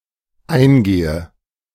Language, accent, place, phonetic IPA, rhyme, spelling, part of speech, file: German, Germany, Berlin, [ˈaɪ̯nˌɡeːə], -aɪ̯nɡeːə, eingehe, verb, De-eingehe.ogg
- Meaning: inflection of eingehen: 1. first-person singular dependent present 2. first/third-person singular dependent subjunctive I